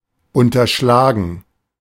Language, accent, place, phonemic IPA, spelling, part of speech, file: German, Germany, Berlin, /ʊntərˈʃlaːɡən/, unterschlagen, verb, De-unterschlagen.ogg
- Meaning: to embezzle